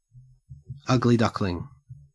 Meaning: 1. A young person who is ugly, but who is expected to become beautiful or handsome as they mature 2. Used other than figuratively or idiomatically: see ugly, duckling
- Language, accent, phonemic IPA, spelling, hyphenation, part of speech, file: English, Australia, /ˈɐɡ.liː ˌdɐk.lɪŋ/, ugly duckling, ug‧ly duck‧ling, noun, En-au-ugly duckling.ogg